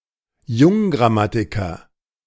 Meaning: Neogrammarian
- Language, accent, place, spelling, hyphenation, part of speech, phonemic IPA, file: German, Germany, Berlin, Junggrammatiker, Jung‧gram‧ma‧ti‧ker, noun, /ˈjʊŋɡʁaˌmatɪkɐ/, De-Junggrammatiker.ogg